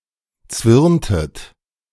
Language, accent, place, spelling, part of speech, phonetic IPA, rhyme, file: German, Germany, Berlin, zwirntet, verb, [ˈt͡svɪʁntət], -ɪʁntət, De-zwirntet.ogg
- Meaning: inflection of zwirnen: 1. second-person plural preterite 2. second-person plural subjunctive II